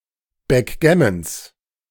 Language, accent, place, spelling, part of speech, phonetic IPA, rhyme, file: German, Germany, Berlin, Backgammons, noun, [bɛkˈɡɛməns], -ɛməns, De-Backgammons.ogg
- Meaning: genitive singular of Backgammon